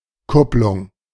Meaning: clutch (a device to interrupt power transmission)
- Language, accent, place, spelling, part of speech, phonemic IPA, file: German, Germany, Berlin, Kupplung, noun, /ˈkʊplʊŋ/, De-Kupplung.ogg